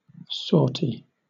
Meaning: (noun) 1. An attack made by troops from a besieged position; a sally 2. An operational flight carried out by a single military aircraft 3. An act of venturing out to do a task, etc
- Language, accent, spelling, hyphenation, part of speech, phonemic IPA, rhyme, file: English, Southern England, sortie, sort‧ie, noun / verb, /ˈsɔːti/, -ɔːti, LL-Q1860 (eng)-sortie.wav